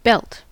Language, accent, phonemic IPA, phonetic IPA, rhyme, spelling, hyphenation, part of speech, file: English, US, /ˈbɛlt/, [ˈbɛlt], -ɛlt, belt, belt, noun / verb, En-us-belt.ogg
- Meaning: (noun) A band worn around the waist to hold clothing to one's body (usually pants), hold weapons (such as a gun or sword), or serve as a decorative piece of clothing